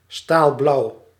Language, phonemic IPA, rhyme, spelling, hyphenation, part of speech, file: Dutch, /staːlˈblɑu̯/, -ɑu̯, staalblauw, staal‧blauw, adjective, Nl-staalblauw.ogg
- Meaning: blue-grey